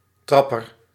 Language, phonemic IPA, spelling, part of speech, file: Dutch, /ˈtrɑpər/, trapper, noun, Nl-trapper.ogg
- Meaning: bicycle pedal